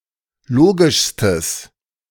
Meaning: strong/mixed nominative/accusative neuter singular superlative degree of logisch
- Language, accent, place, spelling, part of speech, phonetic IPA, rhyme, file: German, Germany, Berlin, logischstes, adjective, [ˈloːɡɪʃstəs], -oːɡɪʃstəs, De-logischstes.ogg